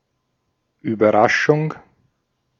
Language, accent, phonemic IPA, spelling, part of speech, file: German, Austria, /yːbɐˈʁaʃʊŋ/, Überraschung, noun, De-at-Überraschung.ogg
- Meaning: surprise